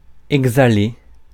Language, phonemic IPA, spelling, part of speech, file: French, /ɛɡ.za.le/, exhaler, verb, Fr-exhaler.ogg
- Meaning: 1. to exhale 2. to give off (e.g. an odor) 3. to let out, let slip (e.g. a secret) 4. to let out (e.g. of an instrument, to emit a sound)